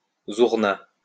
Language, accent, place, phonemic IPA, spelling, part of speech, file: French, France, Lyon, /zuʁ.na/, zourna, noun, LL-Q150 (fra)-zourna.wav
- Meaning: zurna